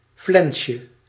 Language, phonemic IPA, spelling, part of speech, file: Dutch, /ˈflɛnʃə/, flensje, noun, Nl-flensje.ogg
- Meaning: diminutive of flens